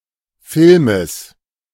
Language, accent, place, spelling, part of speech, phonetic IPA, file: German, Germany, Berlin, Filmes, noun, [ˈfɪlməs], De-Filmes.ogg
- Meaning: genitive singular of Film